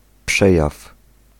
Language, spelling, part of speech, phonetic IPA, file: Polish, przejaw, noun, [ˈpʃɛjaf], Pl-przejaw.ogg